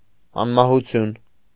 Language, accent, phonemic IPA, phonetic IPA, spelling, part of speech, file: Armenian, Eastern Armenian, /ɑnmɑhuˈtʰjun/, [ɑnmɑhut͡sʰjún], անմահություն, noun, Hy-անմահություն.ogg
- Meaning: immortality